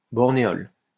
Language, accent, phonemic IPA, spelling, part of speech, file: French, France, /bɔʁ.ne.ɔl/, bornéol, noun, LL-Q150 (fra)-bornéol.wav
- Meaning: borneol